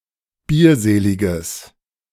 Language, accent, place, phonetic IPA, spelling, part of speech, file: German, Germany, Berlin, [ˈbiːɐ̯ˌzeːlɪɡəs], bierseliges, adjective, De-bierseliges.ogg
- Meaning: strong/mixed nominative/accusative neuter singular of bierselig